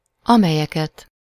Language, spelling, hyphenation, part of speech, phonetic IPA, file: Hungarian, amelyeket, ame‧lye‧ket, pronoun, [ˈɒmɛjɛkɛt], Hu-amelyeket.ogg
- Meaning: accusative plural of amely